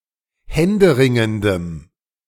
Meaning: strong dative masculine/neuter singular of händeringend
- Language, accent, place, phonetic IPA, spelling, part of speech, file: German, Germany, Berlin, [ˈhɛndəˌʁɪŋəndəm], händeringendem, adjective, De-händeringendem.ogg